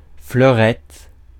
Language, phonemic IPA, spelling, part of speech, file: French, /flœ.ʁɛt/, fleurette, noun, Fr-fleurette.ogg
- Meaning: small flower